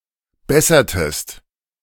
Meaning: inflection of bessern: 1. second-person singular preterite 2. second-person singular subjunctive II
- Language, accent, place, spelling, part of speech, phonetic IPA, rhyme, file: German, Germany, Berlin, bessertest, verb, [ˈbɛsɐtəst], -ɛsɐtəst, De-bessertest.ogg